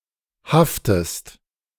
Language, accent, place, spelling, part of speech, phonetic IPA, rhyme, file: German, Germany, Berlin, haftest, verb, [ˈhaftəst], -aftəst, De-haftest.ogg
- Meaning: inflection of haften: 1. second-person singular present 2. second-person singular subjunctive I